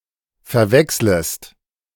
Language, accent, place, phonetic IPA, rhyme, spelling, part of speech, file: German, Germany, Berlin, [fɛɐ̯ˈvɛksləst], -ɛksləst, verwechslest, verb, De-verwechslest.ogg
- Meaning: second-person singular subjunctive I of verwechseln